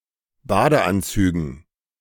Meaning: dative plural of Badeanzug
- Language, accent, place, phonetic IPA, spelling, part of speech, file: German, Germany, Berlin, [ˈbaːdəˌʔant͡syːɡn̩], Badeanzügen, noun, De-Badeanzügen.ogg